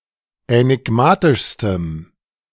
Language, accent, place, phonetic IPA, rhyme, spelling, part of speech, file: German, Germany, Berlin, [ɛnɪˈɡmaːtɪʃstəm], -aːtɪʃstəm, änigmatischstem, adjective, De-änigmatischstem.ogg
- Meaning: strong dative masculine/neuter singular superlative degree of änigmatisch